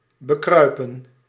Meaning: 1. to creep on/ up to, to approach and/or mount by crawling, especially stealthily 2. to steal upon, to come over, to assail (of feelings and thoughts)
- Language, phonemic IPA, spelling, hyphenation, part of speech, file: Dutch, /bəˈkrœy̯pə(n)/, bekruipen, be‧krui‧pen, verb, Nl-bekruipen.ogg